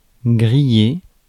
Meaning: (adjective) grilled (seared); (verb) past participle of griller
- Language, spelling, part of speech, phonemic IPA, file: French, grillé, adjective / verb, /ɡʁi.je/, Fr-grillé.ogg